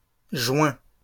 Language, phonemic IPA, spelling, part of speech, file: French, /ʒɥɛ̃/, juins, noun, LL-Q150 (fra)-juins.wav
- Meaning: plural of juin